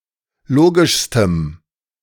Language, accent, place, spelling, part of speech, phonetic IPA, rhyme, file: German, Germany, Berlin, logischstem, adjective, [ˈloːɡɪʃstəm], -oːɡɪʃstəm, De-logischstem.ogg
- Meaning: strong dative masculine/neuter singular superlative degree of logisch